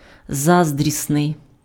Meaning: envious
- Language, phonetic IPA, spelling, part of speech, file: Ukrainian, [ˈzazdʲrʲisnei̯], заздрісний, adjective, Uk-заздрісний.ogg